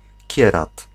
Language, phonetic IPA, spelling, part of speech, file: Polish, [ˈcɛrat], kierat, noun, Pl-kierat.ogg